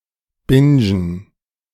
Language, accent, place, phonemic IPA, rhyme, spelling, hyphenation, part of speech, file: German, Germany, Berlin, /ˈbɪnd͡ʒən/, -ɪnd͡ʒən, bingen, bin‧gen, verb, De-bingen.ogg
- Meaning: to binge